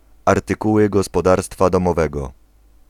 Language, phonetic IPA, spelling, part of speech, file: Polish, [ˌartɨˈkuwɨ ˌɡɔspɔˈdarstfa ˌdɔ̃mɔˈvɛɡɔ], artykuły gospodarstwa domowego, noun, Pl-artykuły gospodarstwa domowego.ogg